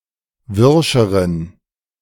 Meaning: inflection of wirsch: 1. strong genitive masculine/neuter singular comparative degree 2. weak/mixed genitive/dative all-gender singular comparative degree
- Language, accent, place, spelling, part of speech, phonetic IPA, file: German, Germany, Berlin, wirscheren, adjective, [ˈvɪʁʃəʁən], De-wirscheren.ogg